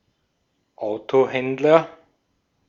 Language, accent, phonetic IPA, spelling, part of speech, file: German, Austria, [ˈaʊ̯toˌhɛndlɐ], Autohändler, noun, De-at-Autohändler.ogg
- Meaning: car trader, car dealer